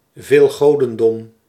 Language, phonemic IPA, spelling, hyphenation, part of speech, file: Dutch, /veːlˈɣoː.də(n)ˌdɔm/, veelgodendom, veel‧go‧den‧dom, noun, Nl-veelgodendom.ogg
- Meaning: polytheism